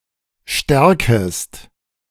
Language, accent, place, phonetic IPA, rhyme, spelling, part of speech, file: German, Germany, Berlin, [ˈʃtɛʁkəst], -ɛʁkəst, stärkest, verb, De-stärkest.ogg
- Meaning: second-person singular subjunctive I of stärken